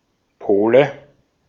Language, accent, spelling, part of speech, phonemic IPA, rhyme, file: German, Austria, Pole, noun, /ˈpoːlə/, -oːlə, De-at-Pole.ogg
- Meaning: 1. Pole 2. nominative/accusative/genitive plural of Pol 3. dative singular of Pol